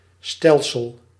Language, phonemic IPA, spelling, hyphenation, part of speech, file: Dutch, /ˈstɛl.səl/, stelsel, stel‧sel, noun, Nl-stelsel.ogg
- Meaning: 1. system (collection of organized items) 2. system (a set of equations) 3. galaxy (system of stars)